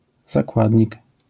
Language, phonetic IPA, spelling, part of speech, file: Polish, [zaˈkwadʲɲik], zakładnik, noun, LL-Q809 (pol)-zakładnik.wav